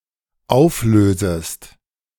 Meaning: second-person singular dependent subjunctive I of auflösen
- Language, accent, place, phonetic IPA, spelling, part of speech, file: German, Germany, Berlin, [ˈaʊ̯fˌløːzəst], auflösest, verb, De-auflösest.ogg